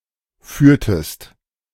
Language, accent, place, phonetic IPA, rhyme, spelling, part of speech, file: German, Germany, Berlin, [ˈfyːɐ̯təst], -yːɐ̯təst, führtest, verb, De-führtest.ogg
- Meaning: inflection of führen: 1. second-person singular preterite 2. second-person singular subjunctive II